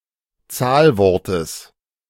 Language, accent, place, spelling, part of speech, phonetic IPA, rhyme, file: German, Germany, Berlin, Zahlwortes, noun, [ˈt͡saːlˌvɔʁtəs], -aːlvɔʁtəs, De-Zahlwortes.ogg
- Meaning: genitive singular of Zahlwort